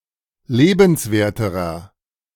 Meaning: inflection of lebenswert: 1. strong/mixed nominative masculine singular comparative degree 2. strong genitive/dative feminine singular comparative degree 3. strong genitive plural comparative degree
- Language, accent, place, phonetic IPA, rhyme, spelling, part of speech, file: German, Germany, Berlin, [ˈleːbn̩sˌveːɐ̯təʁɐ], -eːbn̩sveːɐ̯təʁɐ, lebenswerterer, adjective, De-lebenswerterer.ogg